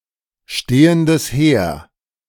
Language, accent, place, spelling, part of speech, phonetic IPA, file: German, Germany, Berlin, stehendes Heer, phrase, [ˌʃteːəndəs ˈheːɐ̯], De-stehendes Heer.ogg
- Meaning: standing army